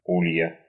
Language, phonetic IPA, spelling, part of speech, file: Russian, [ˈulʲjə], улья, noun, Ru-у́лья.ogg
- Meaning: genitive singular of у́лей (úlej)